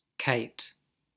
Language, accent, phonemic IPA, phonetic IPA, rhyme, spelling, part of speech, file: English, General American, /kaɪt/, [kʰəɪʔ], -aɪt, kite, noun / verb, En-us-kite.ogg
- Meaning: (noun) A bird of prey of the family Accipitridae